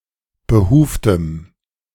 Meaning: strong dative masculine/neuter singular of behuft
- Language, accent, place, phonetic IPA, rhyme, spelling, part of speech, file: German, Germany, Berlin, [bəˈhuːftəm], -uːftəm, behuftem, adjective, De-behuftem.ogg